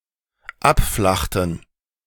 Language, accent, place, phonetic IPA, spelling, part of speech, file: German, Germany, Berlin, [ˈapˌflaxtn̩], abflachten, verb, De-abflachten.ogg
- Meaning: inflection of abflachen: 1. first/third-person plural dependent preterite 2. first/third-person plural dependent subjunctive II